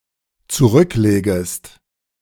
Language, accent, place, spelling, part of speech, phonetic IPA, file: German, Germany, Berlin, zurücklegest, verb, [t͡suˈʁʏkˌleːɡəst], De-zurücklegest.ogg
- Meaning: second-person singular dependent subjunctive I of zurücklegen